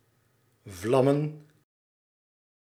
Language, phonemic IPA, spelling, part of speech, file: Dutch, /ˈvlɑmə(n)/, vlammen, verb / noun, Nl-vlammen.ogg
- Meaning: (verb) 1. to catch flames 2. to flash, speed like a flare (travel very fast); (noun) plural of vlam